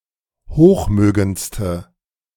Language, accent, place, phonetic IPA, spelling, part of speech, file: German, Germany, Berlin, [ˈhoːxˌmøːɡənt͡stə], hochmögendste, adjective, De-hochmögendste.ogg
- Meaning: inflection of hochmögend: 1. strong/mixed nominative/accusative feminine singular superlative degree 2. strong nominative/accusative plural superlative degree